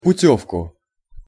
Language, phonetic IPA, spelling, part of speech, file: Russian, [pʊˈtʲɵfkʊ], путёвку, noun, Ru-путёвку.ogg
- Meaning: accusative singular of путёвка (putjóvka)